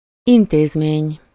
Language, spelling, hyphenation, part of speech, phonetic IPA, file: Hungarian, intézmény, in‧téz‧mény, noun, [ˈinteːzmeːɲ], Hu-intézmény.ogg
- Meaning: institution, establishment